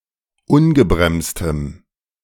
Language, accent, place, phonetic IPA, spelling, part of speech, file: German, Germany, Berlin, [ˈʊnɡəbʁɛmstəm], ungebremstem, adjective, De-ungebremstem.ogg
- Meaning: strong dative masculine/neuter singular of ungebremst